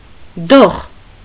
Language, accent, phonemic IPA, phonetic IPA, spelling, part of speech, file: Armenian, Eastern Armenian, /doχ/, [doχ], դոխ, noun, Hy-դոխ.ogg
- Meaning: 1. mill hopper (a funnel-shaped container, whence the grist is discharged into the mill) 2. dove, pigeon 3. chick of a dove, pigeon 4. chick of a hen 5. kitten 6. a young child, chick